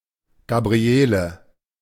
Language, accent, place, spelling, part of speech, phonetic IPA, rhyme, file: German, Germany, Berlin, Gabriele, proper noun, [ɡabʁiˈeːlə], -eːlə, De-Gabriele.ogg
- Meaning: a female given name, masculine equivalent Gabriel